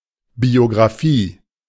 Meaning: biography
- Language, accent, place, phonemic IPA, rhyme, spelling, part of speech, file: German, Germany, Berlin, /bioɡʁaˈfiː/, -iː, Biografie, noun, De-Biografie.ogg